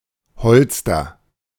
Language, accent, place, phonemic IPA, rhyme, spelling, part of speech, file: German, Germany, Berlin, /ˈhɔlstɐ/, -ɔlstɐ, Holster, noun, De-Holster.ogg
- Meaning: holster